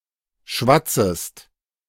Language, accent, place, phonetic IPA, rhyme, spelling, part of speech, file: German, Germany, Berlin, [ˈʃvat͡səst], -at͡səst, schwatzest, verb, De-schwatzest.ogg
- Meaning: second-person singular subjunctive I of schwatzen